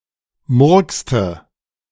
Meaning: inflection of murksen: 1. first/third-person singular preterite 2. first/third-person singular subjunctive II
- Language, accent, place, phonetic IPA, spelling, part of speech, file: German, Germany, Berlin, [ˈmʊʁkstə], murkste, verb, De-murkste.ogg